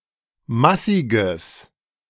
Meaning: strong/mixed nominative/accusative neuter singular of massig
- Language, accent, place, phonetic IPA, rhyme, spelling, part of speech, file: German, Germany, Berlin, [ˈmasɪɡəs], -asɪɡəs, massiges, adjective, De-massiges.ogg